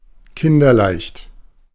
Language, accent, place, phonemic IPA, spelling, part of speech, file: German, Germany, Berlin, /ˈkɪndɐˈlaɪ̯çt/, kinderleicht, adjective, De-kinderleicht.ogg
- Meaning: child's play; dead easy